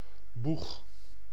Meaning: bow (front of a boat or ship)
- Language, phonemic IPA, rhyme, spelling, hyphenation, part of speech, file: Dutch, /bux/, -ux, boeg, boeg, noun, Nl-boeg.ogg